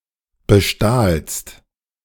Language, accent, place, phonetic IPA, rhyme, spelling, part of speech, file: German, Germany, Berlin, [bəˈʃtaːlst], -aːlst, bestahlst, verb, De-bestahlst.ogg
- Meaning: second-person singular preterite of bestehlen